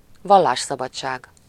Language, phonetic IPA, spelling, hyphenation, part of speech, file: Hungarian, [ˈvɒlːaːʃsɒbɒt͡ʃːaːɡ], vallásszabadság, val‧lás‧sza‧bad‧ság, noun, Hu-vallásszabadság.ogg
- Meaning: freedom of religion